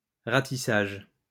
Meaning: 1. raking, combing, sweeping 2. search, search and sweep (operation), ratissage
- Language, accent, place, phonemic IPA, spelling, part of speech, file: French, France, Lyon, /ʁa.ti.saʒ/, ratissage, noun, LL-Q150 (fra)-ratissage.wav